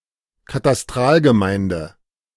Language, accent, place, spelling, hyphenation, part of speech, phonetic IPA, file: German, Germany, Berlin, Katastralgemeinde, Ka‧tas‧tral‧ge‧mein‧de, noun, [kataˈstʁaːlɡəˌmaɪ̯ndə], De-Katastralgemeinde.ogg
- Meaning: Cadastral community